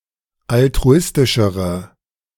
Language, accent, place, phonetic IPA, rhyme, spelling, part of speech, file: German, Germany, Berlin, [altʁuˈɪstɪʃəʁə], -ɪstɪʃəʁə, altruistischere, adjective, De-altruistischere.ogg
- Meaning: inflection of altruistisch: 1. strong/mixed nominative/accusative feminine singular comparative degree 2. strong nominative/accusative plural comparative degree